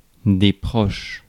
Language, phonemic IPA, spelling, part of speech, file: French, /pʁɔʃ/, proches, adjective / noun, Fr-proches.ogg
- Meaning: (adjective) plural of proche